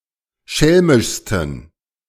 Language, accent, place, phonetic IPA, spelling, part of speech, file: German, Germany, Berlin, [ˈʃɛlmɪʃstn̩], schelmischsten, adjective, De-schelmischsten.ogg
- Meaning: 1. superlative degree of schelmisch 2. inflection of schelmisch: strong genitive masculine/neuter singular superlative degree